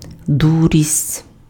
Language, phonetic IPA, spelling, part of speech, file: Ukrainian, [ˈdurʲisʲtʲ], дурість, noun, Uk-дурість.ogg
- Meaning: stupidity, foolishness